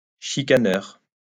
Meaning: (noun) quibbler, pettifogger; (adjective) quibbling, pettifogging
- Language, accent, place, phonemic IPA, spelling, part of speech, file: French, France, Lyon, /ʃi.ka.nœʁ/, chicaneur, noun / adjective, LL-Q150 (fra)-chicaneur.wav